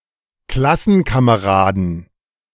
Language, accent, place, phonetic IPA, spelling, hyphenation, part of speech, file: German, Germany, Berlin, [ˈklasn̩kaməˌʁaːdn̩], Klassenkameraden, Klas‧sen‧ka‧me‧ra‧den, noun, De-Klassenkameraden.ogg
- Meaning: 1. plural of Klassenkamerad 2. genitive singular of Klassenkamerad